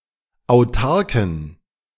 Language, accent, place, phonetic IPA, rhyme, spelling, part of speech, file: German, Germany, Berlin, [aʊ̯ˈtaʁkn̩], -aʁkn̩, autarken, adjective, De-autarken.ogg
- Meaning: inflection of autark: 1. strong genitive masculine/neuter singular 2. weak/mixed genitive/dative all-gender singular 3. strong/weak/mixed accusative masculine singular 4. strong dative plural